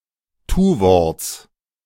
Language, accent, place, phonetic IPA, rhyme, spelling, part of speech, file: German, Germany, Berlin, [ˈtuːˌvɔʁt͡s], -uːvɔʁt͡s, Tuworts, noun, De-Tuworts.ogg
- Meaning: genitive singular of Tuwort